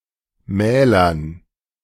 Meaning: dative plural of Mahl
- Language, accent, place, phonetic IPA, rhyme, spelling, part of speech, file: German, Germany, Berlin, [ˈmɛːlɐn], -ɛːlɐn, Mählern, noun, De-Mählern.ogg